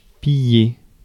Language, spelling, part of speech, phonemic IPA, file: French, piller, verb, /pi.je/, Fr-piller.ogg
- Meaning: to plunder; to pillage